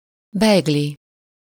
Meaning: A (walnut- or poppy-seed) roll (similar to Swiss roll) traditionally eaten in Hungary at Christmas time or at Easter
- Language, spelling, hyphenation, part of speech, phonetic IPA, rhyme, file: Hungarian, bejgli, bejg‧li, noun, [ˈbɛjɡli], -li, Hu-bejgli.ogg